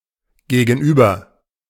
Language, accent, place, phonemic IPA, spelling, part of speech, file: German, Germany, Berlin, /ɡeːɡn̩ˈʔyːbɐ/, Gegenüber, noun, De-Gegenüber.ogg
- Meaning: 1. counterpart 2. opponent 3. the other; the partner in a conversation; someone who is face to face with you